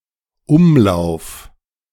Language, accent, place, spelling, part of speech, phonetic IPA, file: German, Germany, Berlin, Umlauf, noun / proper noun, [ˈʊmˌlaʊ̯f], De-Umlauf.ogg
- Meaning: 1. circulation 2. revolution 3. orbit 4. tour 5. currency 6. whitlow